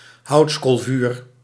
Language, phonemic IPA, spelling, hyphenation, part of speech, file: Dutch, /ˈɦɑu̯ts.koːlˌvyːr/, houtskoolvuur, houts‧kool‧vuur, noun, Nl-houtskoolvuur.ogg
- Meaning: charcoal fire